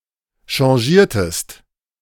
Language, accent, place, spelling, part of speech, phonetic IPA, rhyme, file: German, Germany, Berlin, chargiertest, verb, [ʃaʁˈʒiːɐ̯təst], -iːɐ̯təst, De-chargiertest.ogg
- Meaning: inflection of chargieren: 1. second-person singular preterite 2. second-person singular subjunctive II